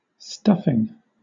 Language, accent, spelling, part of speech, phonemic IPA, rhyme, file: English, Southern England, stuffing, verb / noun, /ˈstʌfɪŋ/, -ʌfɪŋ, LL-Q1860 (eng)-stuffing.wav
- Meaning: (verb) present participle and gerund of stuff; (noun) 1. The matter used to stuff hollow objects such as pillows and saddles 2. Any of many food items used to stuff another